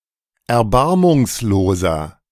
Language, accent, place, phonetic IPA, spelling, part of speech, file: German, Germany, Berlin, [ɛɐ̯ˈbaʁmʊŋsloːzɐ], erbarmungsloser, adjective, De-erbarmungsloser.ogg
- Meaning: 1. comparative degree of erbarmungslos 2. inflection of erbarmungslos: strong/mixed nominative masculine singular 3. inflection of erbarmungslos: strong genitive/dative feminine singular